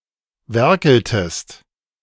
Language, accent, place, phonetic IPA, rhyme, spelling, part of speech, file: German, Germany, Berlin, [ˈvɛʁkl̩təst], -ɛʁkl̩təst, werkeltest, verb, De-werkeltest.ogg
- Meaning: inflection of werkeln: 1. second-person singular preterite 2. second-person singular subjunctive II